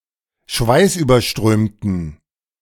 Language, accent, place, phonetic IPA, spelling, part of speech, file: German, Germany, Berlin, [ˈʃvaɪ̯sʔyːbɐˌʃtʁøːmtn̩], schweißüberströmten, adjective, De-schweißüberströmten.ogg
- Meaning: inflection of schweißüberströmt: 1. strong genitive masculine/neuter singular 2. weak/mixed genitive/dative all-gender singular 3. strong/weak/mixed accusative masculine singular